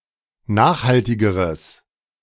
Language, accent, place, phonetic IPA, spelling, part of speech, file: German, Germany, Berlin, [ˈnaːxhaltɪɡəʁəs], nachhaltigeres, adjective, De-nachhaltigeres.ogg
- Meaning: strong/mixed nominative/accusative neuter singular comparative degree of nachhaltig